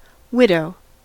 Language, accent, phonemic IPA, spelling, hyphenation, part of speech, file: English, US, /ˈwɪd.oʊ/, widow, wid‧ow, noun / verb, En-us-widow.ogg